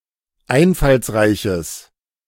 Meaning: strong/mixed nominative/accusative neuter singular of einfallsreich
- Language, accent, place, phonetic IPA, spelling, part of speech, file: German, Germany, Berlin, [ˈaɪ̯nfalsˌʁaɪ̯çəs], einfallsreiches, adjective, De-einfallsreiches.ogg